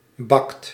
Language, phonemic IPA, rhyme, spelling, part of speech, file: Dutch, /bɑkt/, -ɑkt, bakt, verb, Nl-bakt.ogg
- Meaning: inflection of bakken: 1. second/third-person singular present indicative 2. plural imperative